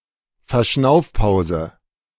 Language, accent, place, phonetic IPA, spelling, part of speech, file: German, Germany, Berlin, [fɛɐ̯ˈʃnaʊ̯fˌpaʊ̯zə], Verschnaufpause, noun, De-Verschnaufpause.ogg
- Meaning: breather